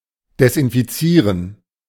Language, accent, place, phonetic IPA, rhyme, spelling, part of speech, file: German, Germany, Berlin, [dɛsʔɪnfiˈt͡siːʁən], -iːʁən, desinfizieren, verb, De-desinfizieren.ogg
- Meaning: to disinfect